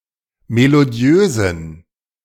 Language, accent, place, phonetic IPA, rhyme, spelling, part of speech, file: German, Germany, Berlin, [meloˈdi̯øːzn̩], -øːzn̩, melodiösen, adjective, De-melodiösen.ogg
- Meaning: inflection of melodiös: 1. strong genitive masculine/neuter singular 2. weak/mixed genitive/dative all-gender singular 3. strong/weak/mixed accusative masculine singular 4. strong dative plural